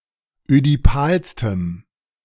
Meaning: strong dative masculine/neuter singular superlative degree of ödipal
- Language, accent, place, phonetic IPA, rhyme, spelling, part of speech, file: German, Germany, Berlin, [ødiˈpaːlstəm], -aːlstəm, ödipalstem, adjective, De-ödipalstem.ogg